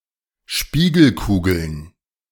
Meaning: plural of Spiegelkugel
- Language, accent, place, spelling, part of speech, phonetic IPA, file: German, Germany, Berlin, Spiegelkugeln, noun, [ˈʃpiːɡl̩ˌkuːɡl̩n], De-Spiegelkugeln.ogg